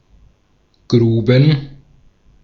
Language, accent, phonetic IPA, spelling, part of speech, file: German, Austria, [ˈɡʁuːbn̩], Gruben, noun, De-at-Gruben.ogg
- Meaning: plural of Grube